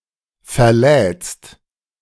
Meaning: second-person singular present of verladen
- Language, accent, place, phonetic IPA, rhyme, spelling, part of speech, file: German, Germany, Berlin, [fɛɐ̯ˈlɛːt͡st], -ɛːt͡st, verlädst, verb, De-verlädst.ogg